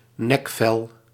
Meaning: the scruff of the neck
- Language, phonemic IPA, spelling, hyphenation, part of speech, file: Dutch, /ˈnɛk.fɛl/, nekvel, nek‧vel, noun, Nl-nekvel.ogg